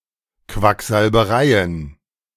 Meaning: plural of Quacksalberei
- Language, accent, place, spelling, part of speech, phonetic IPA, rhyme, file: German, Germany, Berlin, Quacksalbereien, noun, [kvakzalbəˈʁaɪ̯ən], -aɪ̯ən, De-Quacksalbereien.ogg